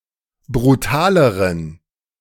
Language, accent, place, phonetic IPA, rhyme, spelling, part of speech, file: German, Germany, Berlin, [bʁuˈtaːləʁən], -aːləʁən, brutaleren, adjective, De-brutaleren.ogg
- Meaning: inflection of brutal: 1. strong genitive masculine/neuter singular comparative degree 2. weak/mixed genitive/dative all-gender singular comparative degree